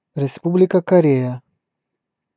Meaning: Republic of Korea (official name of South Korea: a country in East Asia)
- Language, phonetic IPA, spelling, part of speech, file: Russian, [rʲɪˈspublʲɪkə kɐˈrʲejə], Республика Корея, proper noun, Ru-Республика Корея.ogg